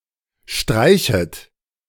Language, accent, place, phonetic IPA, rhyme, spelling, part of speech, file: German, Germany, Berlin, [ˈʃtʁaɪ̯çət], -aɪ̯çət, streichet, verb, De-streichet.ogg
- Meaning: second-person plural subjunctive I of streichen